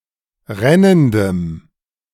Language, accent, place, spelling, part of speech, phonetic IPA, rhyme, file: German, Germany, Berlin, rennendem, adjective, [ˈʁɛnəndəm], -ɛnəndəm, De-rennendem.ogg
- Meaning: strong dative masculine/neuter singular of rennend